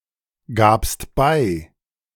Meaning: second-person singular preterite of beigeben
- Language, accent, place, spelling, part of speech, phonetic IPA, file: German, Germany, Berlin, gabst bei, verb, [ˌɡaːpst ˈbaɪ̯], De-gabst bei.ogg